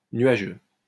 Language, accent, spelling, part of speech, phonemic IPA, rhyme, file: French, France, nuageux, adjective, /nɥa.ʒø/, -ø, LL-Q150 (fra)-nuageux.wav
- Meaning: cloudy